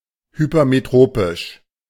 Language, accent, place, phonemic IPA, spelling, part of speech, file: German, Germany, Berlin, /hypɐmeˈtʁoːpɪʃ/, hypermetropisch, adjective, De-hypermetropisch.ogg
- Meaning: hypermetropic